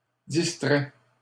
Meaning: second-person singular present subjunctive of distraire
- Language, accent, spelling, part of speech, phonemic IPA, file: French, Canada, distraies, verb, /dis.tʁɛ/, LL-Q150 (fra)-distraies.wav